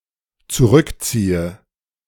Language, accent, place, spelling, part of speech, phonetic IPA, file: German, Germany, Berlin, zurückziehe, verb, [t͡suˈʁʏkˌt͡siːə], De-zurückziehe.ogg
- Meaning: inflection of zurückziehen: 1. first-person singular dependent present 2. first/third-person singular dependent subjunctive I